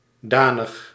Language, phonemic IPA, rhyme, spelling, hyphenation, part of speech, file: Dutch, /ˈdaː.nəx/, -aːnəx, danig, da‧nig, adjective / adverb, Nl-danig.ogg
- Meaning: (adjective) considerable, serious; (adverb) completely, thoroughly